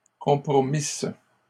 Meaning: third-person plural imperfect subjunctive of compromettre
- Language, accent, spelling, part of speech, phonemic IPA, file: French, Canada, compromissent, verb, /kɔ̃.pʁɔ.mis/, LL-Q150 (fra)-compromissent.wav